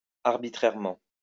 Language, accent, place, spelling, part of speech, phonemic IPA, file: French, France, Lyon, arbitrairement, adverb, /aʁ.bi.tʁɛʁ.mɑ̃/, LL-Q150 (fra)-arbitrairement.wav
- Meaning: arbitrarily